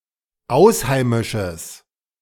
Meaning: strong/mixed nominative/accusative neuter singular of ausheimisch
- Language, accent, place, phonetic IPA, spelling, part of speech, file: German, Germany, Berlin, [ˈaʊ̯sˌhaɪ̯mɪʃəs], ausheimisches, adjective, De-ausheimisches.ogg